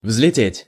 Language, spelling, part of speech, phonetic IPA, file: Russian, взлететь, verb, [vz⁽ʲ⁾lʲɪˈtʲetʲ], Ru-взлететь.ogg
- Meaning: 1. to fly up, to soar, to take off, to take wing 2. to zoom